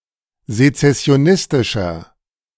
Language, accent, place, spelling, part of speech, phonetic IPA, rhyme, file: German, Germany, Berlin, sezessionistischer, adjective, [zet͡sɛsi̯oˈnɪstɪʃɐ], -ɪstɪʃɐ, De-sezessionistischer.ogg
- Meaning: 1. comparative degree of sezessionistisch 2. inflection of sezessionistisch: strong/mixed nominative masculine singular 3. inflection of sezessionistisch: strong genitive/dative feminine singular